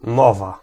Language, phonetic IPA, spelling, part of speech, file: Polish, [ˈmɔva], mowa, noun, Pl-mowa.ogg